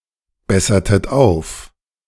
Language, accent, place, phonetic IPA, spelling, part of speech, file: German, Germany, Berlin, [ˌbɛsɐtət ˈaʊ̯f], bessertet auf, verb, De-bessertet auf.ogg
- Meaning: inflection of aufbessern: 1. second-person plural preterite 2. second-person plural subjunctive II